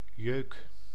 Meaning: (noun) an itch; an itching; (verb) inflection of jeuken: 1. first-person singular present indicative 2. second-person singular present indicative 3. imperative
- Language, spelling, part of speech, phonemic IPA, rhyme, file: Dutch, jeuk, noun / verb, /jøːk/, -øːk, Nl-jeuk.ogg